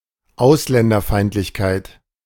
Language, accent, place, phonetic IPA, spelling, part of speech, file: German, Germany, Berlin, [ˈaʊ̯slɛndɐˌfaɪ̯ntlɪçkaɪ̯t], Ausländerfeindlichkeit, noun, De-Ausländerfeindlichkeit.ogg
- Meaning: hatred of foreigners, xenophobia